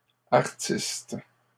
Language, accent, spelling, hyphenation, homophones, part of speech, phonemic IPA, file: French, Canada, artistes, ar‧tistes, artiste, noun, /aʁ.tist/, LL-Q150 (fra)-artistes.wav
- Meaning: plural of artiste